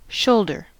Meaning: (noun) The part of an animal's body between the base of the neck and arm socket.: The part of the human torso forming a relatively horizontal surface running away from the neck
- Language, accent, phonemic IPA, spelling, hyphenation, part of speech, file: English, US, /ˈʃoʊldɚ/, shoulder, shoul‧der, noun / verb, En-us-shoulder.ogg